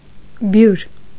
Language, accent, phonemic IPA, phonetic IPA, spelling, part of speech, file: Armenian, Eastern Armenian, /bjuɾ/, [bjuɾ], բյուր, adjective / noun, Hy-բյուր.ogg
- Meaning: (adjective) innumerable, countless, myriad; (noun) ten thousand, myriad